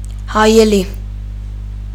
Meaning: mirror, looking glass
- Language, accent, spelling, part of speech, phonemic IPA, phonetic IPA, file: Armenian, Eastern Armenian, հայելի, noun, /hɑjeˈli/, [hɑjelí], Hy-հայելի.ogg